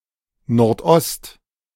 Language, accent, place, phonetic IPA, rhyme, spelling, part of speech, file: German, Germany, Berlin, [ˌnɔʁtˈʔɔst], -ɔst, Nordost, noun, De-Nordost.ogg
- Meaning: northeast